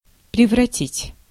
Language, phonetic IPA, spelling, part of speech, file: Russian, [prʲɪvrɐˈtʲitʲ], превратить, verb, Ru-превратить.ogg
- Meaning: to turn into, to change